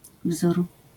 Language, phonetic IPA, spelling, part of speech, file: Polish, [vzur], wzór, noun, LL-Q809 (pol)-wzór.wav